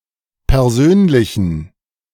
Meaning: inflection of persönlich: 1. strong genitive masculine/neuter singular 2. weak/mixed genitive/dative all-gender singular 3. strong/weak/mixed accusative masculine singular 4. strong dative plural
- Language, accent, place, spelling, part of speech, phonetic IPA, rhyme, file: German, Germany, Berlin, persönlichen, adjective, [pɛʁˈzøːnlɪçn̩], -øːnlɪçn̩, De-persönlichen.ogg